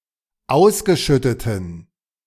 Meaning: inflection of ausgeschüttet: 1. strong genitive masculine/neuter singular 2. weak/mixed genitive/dative all-gender singular 3. strong/weak/mixed accusative masculine singular 4. strong dative plural
- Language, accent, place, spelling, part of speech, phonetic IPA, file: German, Germany, Berlin, ausgeschütteten, adjective, [ˈaʊ̯sɡəˌʃʏtətn̩], De-ausgeschütteten.ogg